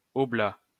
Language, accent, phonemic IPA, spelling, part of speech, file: French, France, /ɔ.bla/, oblat, noun, LL-Q150 (fra)-oblat.wav
- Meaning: oblate